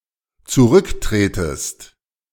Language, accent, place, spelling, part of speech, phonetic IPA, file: German, Germany, Berlin, zurücktretest, verb, [t͡suˈʁʏkˌtʁeːtəst], De-zurücktretest.ogg
- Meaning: second-person singular dependent subjunctive I of zurücktreten